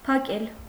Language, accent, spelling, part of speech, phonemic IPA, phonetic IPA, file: Armenian, Eastern Armenian, փակել, verb, /pʰɑˈkel/, [pʰɑkél], Hy-փակել.ogg
- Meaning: 1. to close; to shut; to lock 2. to put behind bars, imprison